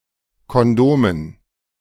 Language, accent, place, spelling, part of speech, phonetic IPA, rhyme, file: German, Germany, Berlin, Kondomen, noun, [kɔnˈdoːmən], -oːmən, De-Kondomen.ogg
- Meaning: dative plural of Kondom